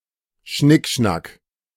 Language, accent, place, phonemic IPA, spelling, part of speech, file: German, Germany, Berlin, /ˈʃnɪkˌʃnak/, Schnickschnack, noun, De-Schnickschnack.ogg
- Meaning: bric-a-brac, knick-knack (miscellaneous items of little import)